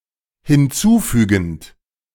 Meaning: present participle of hinzufügen
- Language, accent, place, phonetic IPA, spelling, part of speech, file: German, Germany, Berlin, [hɪnˈt͡suːˌfyːɡn̩t], hinzufügend, verb, De-hinzufügend.ogg